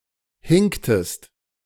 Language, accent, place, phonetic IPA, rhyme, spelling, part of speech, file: German, Germany, Berlin, [ˈhɪŋktəst], -ɪŋktəst, hinktest, verb, De-hinktest.ogg
- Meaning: inflection of hinken: 1. second-person singular preterite 2. second-person singular subjunctive II